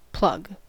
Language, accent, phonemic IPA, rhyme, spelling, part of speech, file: English, US, /plʌɡ/, -ʌɡ, plug, noun / verb, En-us-plug.ogg
- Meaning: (noun) A pronged connecting device which fits into a mating socket, especially an electrical one